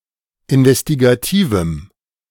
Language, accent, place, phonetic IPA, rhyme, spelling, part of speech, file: German, Germany, Berlin, [ɪnvɛstiɡaˈtiːvm̩], -iːvm̩, investigativem, adjective, De-investigativem.ogg
- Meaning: strong dative masculine/neuter singular of investigativ